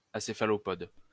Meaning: acephalopodic, acephalopodous
- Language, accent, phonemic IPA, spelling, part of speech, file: French, France, /a.se.fa.lɔ.pɔd/, acéphalopode, adjective, LL-Q150 (fra)-acéphalopode.wav